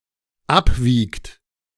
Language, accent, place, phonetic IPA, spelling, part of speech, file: German, Germany, Berlin, [ˈapˌviːkt], abwiegt, verb, De-abwiegt.ogg
- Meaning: inflection of abwiegen: 1. third-person singular dependent present 2. second-person plural dependent present